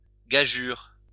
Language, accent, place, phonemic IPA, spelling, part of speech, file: French, France, Lyon, /ɡa.ʒyʁ/, gageüre, noun, LL-Q150 (fra)-gageüre.wav
- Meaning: post-1990 spelling of gageure